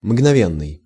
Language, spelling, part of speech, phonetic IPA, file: Russian, мгновенный, adjective, [mɡnɐˈvʲenːɨj], Ru-мгновенный.ogg
- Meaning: momentary, instantaneous